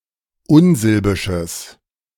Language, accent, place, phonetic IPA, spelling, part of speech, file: German, Germany, Berlin, [ˈʊnˌzɪlbɪʃəs], unsilbisches, adjective, De-unsilbisches.ogg
- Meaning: strong/mixed nominative/accusative neuter singular of unsilbisch